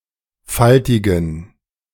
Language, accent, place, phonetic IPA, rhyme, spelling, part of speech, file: German, Germany, Berlin, [ˈfaltɪɡn̩], -altɪɡn̩, faltigen, adjective, De-faltigen.ogg
- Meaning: inflection of faltig: 1. strong genitive masculine/neuter singular 2. weak/mixed genitive/dative all-gender singular 3. strong/weak/mixed accusative masculine singular 4. strong dative plural